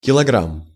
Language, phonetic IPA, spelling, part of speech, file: Russian, [kʲɪɫɐˈɡram], килограмм, noun, Ru-килограмм.ogg
- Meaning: kilogram